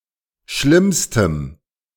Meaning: strong dative masculine/neuter singular superlative degree of schlimm
- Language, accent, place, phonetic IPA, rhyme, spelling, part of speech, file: German, Germany, Berlin, [ˈʃlɪmstəm], -ɪmstəm, schlimmstem, adjective, De-schlimmstem.ogg